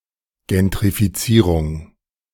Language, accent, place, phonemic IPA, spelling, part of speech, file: German, Germany, Berlin, /ˌɡɛntʁifiˈt͡siːʁʊŋ/, Gentrifizierung, noun, De-Gentrifizierung.ogg
- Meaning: gentrification